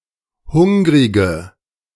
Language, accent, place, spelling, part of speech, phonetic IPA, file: German, Germany, Berlin, hungrige, adjective, [ˈhʊŋʁɪɡə], De-hungrige.ogg
- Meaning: inflection of hungrig: 1. strong/mixed nominative/accusative feminine singular 2. strong nominative/accusative plural 3. weak nominative all-gender singular 4. weak accusative feminine/neuter singular